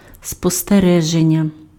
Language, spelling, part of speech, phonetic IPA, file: Ukrainian, спостереження, noun, [spɔsteˈrɛʒenʲːɐ], Uk-спостереження.ogg
- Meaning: 1. verbal noun of спостерегти́ (sposterehtý): observation (the act of observing) 2. observation (a record or comment noting what one has observed)